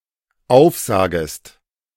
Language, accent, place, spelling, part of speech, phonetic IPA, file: German, Germany, Berlin, aufsagest, verb, [ˈaʊ̯fˌzaːɡəst], De-aufsagest.ogg
- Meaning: second-person singular dependent subjunctive I of aufsagen